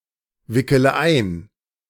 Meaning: inflection of einwickeln: 1. first-person singular present 2. first/third-person singular subjunctive I 3. singular imperative
- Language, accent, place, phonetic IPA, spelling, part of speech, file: German, Germany, Berlin, [ˌvɪkələ ˈaɪ̯n], wickele ein, verb, De-wickele ein.ogg